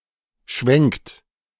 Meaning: inflection of schwenken: 1. second-person plural present 2. third-person singular present 3. plural imperative
- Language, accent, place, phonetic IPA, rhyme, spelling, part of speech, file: German, Germany, Berlin, [ʃvɛŋkt], -ɛŋkt, schwenkt, verb, De-schwenkt.ogg